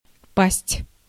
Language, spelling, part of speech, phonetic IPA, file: Russian, пасть, verb / noun, [pasʲtʲ], Ru-пасть.ogg
- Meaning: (verb) 1. to fall 2. to fall on an option 3. to fall, to die on the battlefield, to be killed in action 4. to fall, to lose power, to cease to exist, to be toppled 5. to fall, to give way under siege